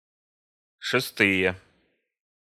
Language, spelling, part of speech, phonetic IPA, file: Russian, шестые, noun, [ʂɨˈstɨje], Ru-шестые.ogg
- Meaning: nominative/accusative plural of шеста́я (šestája)